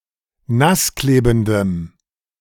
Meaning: strong dative masculine/neuter singular of nassklebend
- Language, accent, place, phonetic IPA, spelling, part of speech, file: German, Germany, Berlin, [ˈnasˌkleːbn̩dəm], nassklebendem, adjective, De-nassklebendem.ogg